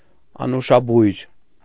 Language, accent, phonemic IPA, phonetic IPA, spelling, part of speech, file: Armenian, Eastern Armenian, /ɑnuʃɑˈbujɾ/, [ɑnuʃɑbújɾ], անուշաբույր, adjective, Hy-անուշաբույր.ogg
- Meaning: fragrant, sweet-smelling